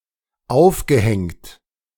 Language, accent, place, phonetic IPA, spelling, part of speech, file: German, Germany, Berlin, [ˈaʊ̯fɡəˌhɛŋt], aufgehängt, verb, De-aufgehängt.ogg
- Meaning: past participle of aufhängen